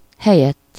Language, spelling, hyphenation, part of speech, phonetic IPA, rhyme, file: Hungarian, helyett, he‧lyett, postposition, [ˈhɛjɛtː], -ɛtː, Hu-helyett.ogg
- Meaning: instead of, in lieu of, in place of, rather than